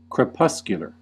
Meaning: 1. Of or resembling twilight; dim 2. Active at or around dusk, dawn or twilight
- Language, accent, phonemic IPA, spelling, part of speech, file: English, US, /kɹɪˈpʌs.kjə.lɚ/, crepuscular, adjective, En-us-crepuscular.ogg